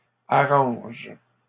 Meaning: inflection of arranger: 1. first/third-person singular present indicative/subjunctive 2. second-person singular imperative
- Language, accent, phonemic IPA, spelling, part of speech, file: French, Canada, /a.ʁɑ̃ʒ/, arrange, verb, LL-Q150 (fra)-arrange.wav